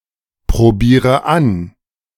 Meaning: inflection of anprobieren: 1. first-person singular present 2. first/third-person singular subjunctive I 3. singular imperative
- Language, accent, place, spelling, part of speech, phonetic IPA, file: German, Germany, Berlin, probiere an, verb, [pʁoˌbiːʁə ˈan], De-probiere an.ogg